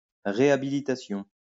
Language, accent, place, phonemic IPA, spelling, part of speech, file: French, France, Lyon, /ʁe.a.bi.li.ta.sjɔ̃/, réhabilitation, noun, LL-Q150 (fra)-réhabilitation.wav
- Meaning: rehabilitation